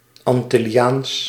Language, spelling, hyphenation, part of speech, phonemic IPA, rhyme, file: Dutch, Antilliaans, An‧til‧li‧aans, adjective, /ˌɑn.tɪ.liˈaːns/, -aːns, Nl-Antilliaans.ogg
- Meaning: Antillean